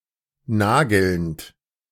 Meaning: present participle of nageln
- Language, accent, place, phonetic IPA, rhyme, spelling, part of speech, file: German, Germany, Berlin, [ˈnaːɡl̩nt], -aːɡl̩nt, nagelnd, verb, De-nagelnd.ogg